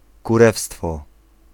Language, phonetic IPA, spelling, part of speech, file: Polish, [kuˈrɛfstfɔ], kurewstwo, noun, Pl-kurewstwo.ogg